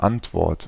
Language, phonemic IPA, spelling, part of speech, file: German, /ˈantvɔʁt/, Antwort, noun, De-Antwort.ogg
- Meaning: answer